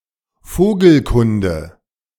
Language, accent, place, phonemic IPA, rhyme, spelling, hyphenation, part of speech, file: German, Germany, Berlin, /ˈfoːɡl̩ˌkʊndə/, -ʊndə, Vogelkunde, Vo‧gel‧kun‧de, noun, De-Vogelkunde.ogg
- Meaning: ornithology (scientific study of birds)